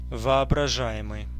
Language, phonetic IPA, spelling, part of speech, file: Russian, [vɐɐbrɐˈʐa(j)ɪmɨj], воображаемый, verb / adjective, Ru-воображаемый.ogg
- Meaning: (verb) present passive imperfective participle of вообража́ть (voobražátʹ); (adjective) imaginary